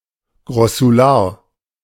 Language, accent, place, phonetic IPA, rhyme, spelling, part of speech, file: German, Germany, Berlin, [ɡʁɔsuˈlaːɐ̯], -aːɐ̯, Grossular, noun, De-Grossular.ogg
- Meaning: grossular